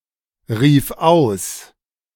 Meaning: first/third-person singular preterite of ausrufen
- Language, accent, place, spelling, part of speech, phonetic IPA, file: German, Germany, Berlin, rief aus, verb, [ˌʁiːf ˈaʊ̯s], De-rief aus.ogg